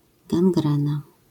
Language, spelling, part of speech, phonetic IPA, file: Polish, gangrena, noun, [ɡãŋˈɡrɛ̃na], LL-Q809 (pol)-gangrena.wav